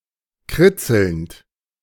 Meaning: present participle of kritzeln
- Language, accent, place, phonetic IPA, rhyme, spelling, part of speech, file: German, Germany, Berlin, [ˈkʁɪt͡sl̩nt], -ɪt͡sl̩nt, kritzelnd, verb, De-kritzelnd.ogg